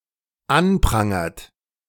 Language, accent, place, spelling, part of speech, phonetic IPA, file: German, Germany, Berlin, anprangert, verb, [ˈanˌpʁaŋɐt], De-anprangert.ogg
- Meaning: inflection of anprangern: 1. third-person singular dependent present 2. second-person plural dependent present